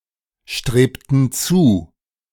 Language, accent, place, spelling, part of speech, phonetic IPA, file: German, Germany, Berlin, strebten zu, verb, [ˌʃtʁeːptn̩ ˈt͡suː], De-strebten zu.ogg
- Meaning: inflection of zustreben: 1. first/third-person plural preterite 2. first/third-person plural subjunctive II